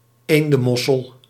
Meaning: goose barnacle of the family Lepadidae
- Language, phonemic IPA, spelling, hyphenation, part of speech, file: Dutch, /ˈeːn.də(n)ˌmɔ.səl/, eendenmossel, een‧den‧mos‧sel, noun, Nl-eendenmossel.ogg